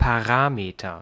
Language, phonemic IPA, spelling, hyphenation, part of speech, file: German, /paˈʁaːmetɐ/, Parameter, Pa‧ra‧me‧ter, noun, De-Parameter.ogg
- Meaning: parameter